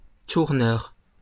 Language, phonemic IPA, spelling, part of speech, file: French, /tuʁ.nœʁ/, tourneur, noun, LL-Q150 (fra)-tourneur.wav
- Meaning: 1. turner, lathe operator 2. tour organizer